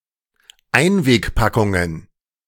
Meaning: plural of Einwegpackung
- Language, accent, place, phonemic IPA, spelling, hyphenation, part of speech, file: German, Germany, Berlin, /ˈaɪ̯nveːkˌpakʊŋən/, Einwegpackungen, Ein‧weg‧pa‧ckun‧gen, noun, De-Einwegpackungen.ogg